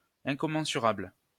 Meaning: 1. incommensurable 2. immeasurable
- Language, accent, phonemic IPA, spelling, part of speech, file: French, France, /ɛ̃.kɔ.mɑ̃.sy.ʁabl/, incommensurable, adjective, LL-Q150 (fra)-incommensurable.wav